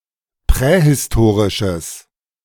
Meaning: strong/mixed nominative/accusative neuter singular of prähistorisch
- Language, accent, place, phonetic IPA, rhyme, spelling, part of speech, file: German, Germany, Berlin, [ˌpʁɛhɪsˈtoːʁɪʃəs], -oːʁɪʃəs, prähistorisches, adjective, De-prähistorisches.ogg